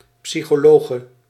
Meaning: female psychologist
- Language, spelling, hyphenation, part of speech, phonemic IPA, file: Dutch, psychologe, psy‧cho‧lo‧ge, noun, /ˌpsixoˈloɣə/, Nl-psychologe.ogg